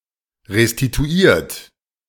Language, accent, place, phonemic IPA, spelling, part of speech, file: German, Germany, Berlin, /ʁestituˈiːɐ̯t/, restituiert, verb / adjective, De-restituiert.ogg
- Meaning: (verb) past participle of restituieren; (adjective) 1. restored, renewed, regenerated 2. reimbursed; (verb) inflection of restituieren: 1. third-person singular present 2. second-person plural present